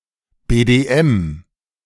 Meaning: initialism of Bund Deutscher Mädel (“Band of German Maidens”)
- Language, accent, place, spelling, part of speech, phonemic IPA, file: German, Germany, Berlin, BDM, proper noun, /ˌbeːdeˈɛm/, De-BDM.ogg